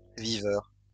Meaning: debauchee
- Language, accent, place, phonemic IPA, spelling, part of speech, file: French, France, Lyon, /vi.vœʁ/, viveur, noun, LL-Q150 (fra)-viveur.wav